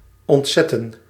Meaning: 1. to shock, to horrify 2. to discharge, to release from function or service 3. to relieve a town or fortress from a siege
- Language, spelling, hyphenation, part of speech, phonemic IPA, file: Dutch, ontzetten, ont‧zet‧ten, verb, /ˌɔntˈzɛtə(n)/, Nl-ontzetten.ogg